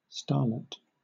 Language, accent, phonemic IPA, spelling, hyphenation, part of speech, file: English, Southern England, /ˈstɑːlɪt/, starlet, star‧let, noun, LL-Q1860 (eng)-starlet.wav
- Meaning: 1. A young actress with a promising career ahead of her 2. An accomplished and important supporting player in a sports team 3. A small star